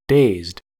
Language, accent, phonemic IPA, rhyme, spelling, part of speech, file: English, US, /deɪzd/, -eɪzd, dazed, adjective / verb, En-us-dazed.ogg
- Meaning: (adjective) 1. In a state of shock or confusion 2. Stunned or entranced; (verb) simple past and past participle of daze